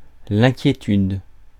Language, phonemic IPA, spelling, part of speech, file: French, /ɛ̃.kje.tyd/, inquiétude, noun, Fr-inquiétude.ogg
- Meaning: worry, concern, trepidation